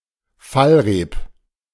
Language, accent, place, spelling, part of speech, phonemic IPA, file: German, Germany, Berlin, Fallreep, noun, /ˈfalˌʁeːp/, De-Fallreep.ogg
- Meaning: a ladder, originally a rope ladder, used to climb on board of a ship